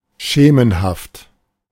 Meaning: shadowy
- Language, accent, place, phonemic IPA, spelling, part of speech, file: German, Germany, Berlin, /ˈʃeːmən/, schemenhaft, adjective, De-schemenhaft.ogg